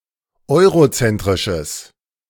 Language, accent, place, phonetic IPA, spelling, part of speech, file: German, Germany, Berlin, [ˈɔɪ̯ʁoˌt͡sɛntʁɪʃəs], eurozentrisches, adjective, De-eurozentrisches.ogg
- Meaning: strong/mixed nominative/accusative neuter singular of eurozentrisch